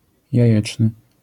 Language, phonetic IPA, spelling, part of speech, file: Polish, [jäˈjɛt͡ʃnɨ], jajeczny, adjective, LL-Q809 (pol)-jajeczny.wav